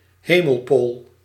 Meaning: celestial pole (pole that is the centrepoint of the stars' apparent axial rotation)
- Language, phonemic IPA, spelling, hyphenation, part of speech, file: Dutch, /ˈɦeː.nəlˌpoːl/, hemelpool, he‧mel‧pool, noun, Nl-hemelpool.ogg